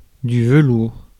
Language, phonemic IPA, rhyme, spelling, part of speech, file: French, /və.luʁ/, -uʁ, velours, noun, Fr-velours.ogg
- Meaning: 1. velvet 2. synonym of héliotrope argenté (“velvetleaf soldierbush”) (Heliotropium arboreum)